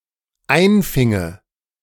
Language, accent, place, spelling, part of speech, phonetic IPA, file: German, Germany, Berlin, einfinge, verb, [ˈaɪ̯nˌfɪŋə], De-einfinge.ogg
- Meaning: first/third-person singular dependent subjunctive II of einfangen